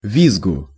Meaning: dative singular of визг (vizg)
- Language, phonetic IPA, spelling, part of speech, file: Russian, [ˈvʲizɡʊ], визгу, noun, Ru-визгу.ogg